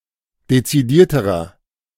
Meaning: inflection of dezidiert: 1. strong/mixed nominative masculine singular comparative degree 2. strong genitive/dative feminine singular comparative degree 3. strong genitive plural comparative degree
- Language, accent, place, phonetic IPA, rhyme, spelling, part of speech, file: German, Germany, Berlin, [det͡siˈdiːɐ̯təʁɐ], -iːɐ̯təʁɐ, dezidierterer, adjective, De-dezidierterer.ogg